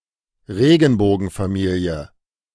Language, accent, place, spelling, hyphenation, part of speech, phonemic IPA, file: German, Germany, Berlin, Regenbogenfamilie, Re‧gen‧bo‧gen‧fa‧mi‧lie, noun, /ˈʁeːɡn̩boːɡn̩faˌmiːli̯ə/, De-Regenbogenfamilie.ogg
- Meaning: family with parents of the same sex